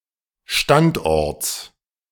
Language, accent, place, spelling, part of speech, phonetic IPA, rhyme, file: German, Germany, Berlin, Standorts, noun, [ˈʃtantˌʔɔʁt͡s], -antʔɔʁt͡s, De-Standorts.ogg
- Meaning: genitive singular of Standort